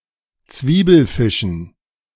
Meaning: dative plural of Zwiebelfisch
- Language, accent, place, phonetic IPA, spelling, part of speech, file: German, Germany, Berlin, [ˈt͡sviːbl̩ˌfɪʃn̩], Zwiebelfischen, noun, De-Zwiebelfischen.ogg